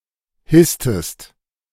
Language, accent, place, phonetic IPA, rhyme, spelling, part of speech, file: German, Germany, Berlin, [ˈhɪstəst], -ɪstəst, hisstest, verb, De-hisstest.ogg
- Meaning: inflection of hissen: 1. second-person singular preterite 2. second-person singular subjunctive II